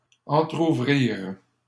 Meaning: third-person plural past historic of entrouvrir
- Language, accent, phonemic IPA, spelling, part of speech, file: French, Canada, /ɑ̃.tʁu.vʁiʁ/, entrouvrirent, verb, LL-Q150 (fra)-entrouvrirent.wav